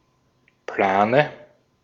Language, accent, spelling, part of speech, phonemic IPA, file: German, Austria, Plane, noun, /ˈplaːnə/, De-at-Plane.ogg
- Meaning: 1. tarpaulin, awning (large sheet of waterproof material used as covering) 2. dative singular of Plan 3. plural of Plan